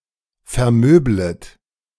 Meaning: second-person plural subjunctive I of vermöbeln
- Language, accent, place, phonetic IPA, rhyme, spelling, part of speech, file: German, Germany, Berlin, [fɛɐ̯ˈmøːblət], -øːblət, vermöblet, verb, De-vermöblet.ogg